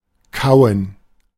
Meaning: 1. to chew (something) 2. to chew, to gnaw 3. to bite
- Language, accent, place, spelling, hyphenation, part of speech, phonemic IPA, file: German, Germany, Berlin, kauen, kau‧en, verb, /ˈkaʊ̯ən/, De-kauen.ogg